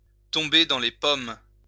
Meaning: to pass out, to black out, to keel over, to faint
- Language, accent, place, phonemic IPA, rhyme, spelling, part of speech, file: French, France, Lyon, /tɔ̃.be dɑ̃ le pɔm/, -ɔm, tomber dans les pommes, verb, LL-Q150 (fra)-tomber dans les pommes.wav